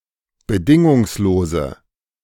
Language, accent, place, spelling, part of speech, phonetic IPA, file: German, Germany, Berlin, bedingungslose, adjective, [bəˈdɪŋʊŋsloːzə], De-bedingungslose.ogg
- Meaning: inflection of bedingungslos: 1. strong/mixed nominative/accusative feminine singular 2. strong nominative/accusative plural 3. weak nominative all-gender singular